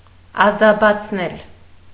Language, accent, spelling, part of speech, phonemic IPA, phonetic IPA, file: Armenian, Eastern Armenian, ազաբացնել, verb, /ɑzɑbɑt͡sʰˈnel/, [ɑzɑbɑt͡sʰnél], Hy-ազաբացնել.ogg
- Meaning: causative of ազաբանալ (azabanal)